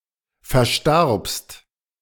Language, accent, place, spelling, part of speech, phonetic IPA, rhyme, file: German, Germany, Berlin, verstarbst, verb, [fɛɐ̯ˈʃtaʁpst], -aʁpst, De-verstarbst.ogg
- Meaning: second-person singular preterite of versterben